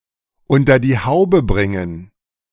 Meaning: to marry (a woman)
- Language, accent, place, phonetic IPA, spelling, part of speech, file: German, Germany, Berlin, [ˈʊntɐ diː ˈhaʊ̯bə ˈbʁɪŋən], unter die Haube bringen, phrase, De-unter die Haube bringen.ogg